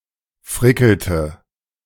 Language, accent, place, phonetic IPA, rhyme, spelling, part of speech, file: German, Germany, Berlin, [ˈfʁɪkl̩tə], -ɪkl̩tə, frickelte, verb, De-frickelte.ogg
- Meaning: inflection of frickeln: 1. first/third-person singular preterite 2. first/third-person singular subjunctive II